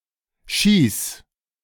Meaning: genitive singular of Ski
- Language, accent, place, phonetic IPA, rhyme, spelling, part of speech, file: German, Germany, Berlin, [ʃiːs], -iːs, Skis, noun, De-Skis.ogg